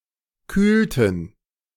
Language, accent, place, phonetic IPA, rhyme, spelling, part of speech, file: German, Germany, Berlin, [ˈkyːltn̩], -yːltn̩, kühlten, verb, De-kühlten.ogg
- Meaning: inflection of kühlen: 1. first/third-person plural preterite 2. first/third-person plural subjunctive II